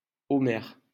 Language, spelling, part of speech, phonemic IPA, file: French, Homère, proper noun, /ɔ.mɛʁ/, LL-Q150 (fra)-Homère.wav
- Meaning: Homer (Greek author)